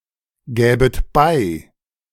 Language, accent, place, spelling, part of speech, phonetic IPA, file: German, Germany, Berlin, gäbet bei, verb, [ˌɡɛːbət ˈbaɪ̯], De-gäbet bei.ogg
- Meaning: second-person plural subjunctive II of beigeben